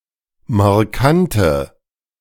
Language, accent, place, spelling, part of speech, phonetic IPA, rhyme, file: German, Germany, Berlin, markante, adjective, [maʁˈkantə], -antə, De-markante.ogg
- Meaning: inflection of markant: 1. strong/mixed nominative/accusative feminine singular 2. strong nominative/accusative plural 3. weak nominative all-gender singular 4. weak accusative feminine/neuter singular